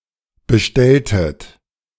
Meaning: inflection of bestellen: 1. second-person plural preterite 2. second-person plural subjunctive II
- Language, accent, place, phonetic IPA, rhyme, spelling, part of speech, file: German, Germany, Berlin, [bəˈʃtɛltət], -ɛltət, bestelltet, verb, De-bestelltet.ogg